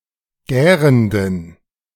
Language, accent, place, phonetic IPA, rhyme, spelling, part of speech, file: German, Germany, Berlin, [ˈɡɛːʁəndn̩], -ɛːʁəndn̩, gärenden, adjective, De-gärenden.ogg
- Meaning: inflection of gärend: 1. strong genitive masculine/neuter singular 2. weak/mixed genitive/dative all-gender singular 3. strong/weak/mixed accusative masculine singular 4. strong dative plural